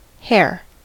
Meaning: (noun) 1. Any of several plant-eating mammals of the genus Lepus, similar to a rabbit, but larger and with longer ears 2. The meat from this animal
- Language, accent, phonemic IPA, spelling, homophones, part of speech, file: English, US, /hɛɚ/, hare, hair, noun / verb / adjective, En-us-hare.ogg